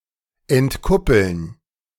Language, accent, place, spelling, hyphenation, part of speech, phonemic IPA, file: German, Germany, Berlin, entkuppeln, ent‧kup‧peln, verb, /ɛntˈkʊpl̩n/, De-entkuppeln.ogg
- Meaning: to decouple